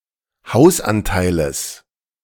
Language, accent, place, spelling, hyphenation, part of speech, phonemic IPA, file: German, Germany, Berlin, Hausanteiles, Haus‧an‧tei‧les, noun, /ˈhaʊ̯sˌʔantaɪ̯ləs/, De-Hausanteiles.ogg
- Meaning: genitive singular of Hausanteil